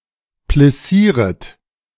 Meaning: second-person plural subjunctive I of plissieren
- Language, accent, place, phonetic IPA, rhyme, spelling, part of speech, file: German, Germany, Berlin, [plɪˈsiːʁət], -iːʁət, plissieret, verb, De-plissieret.ogg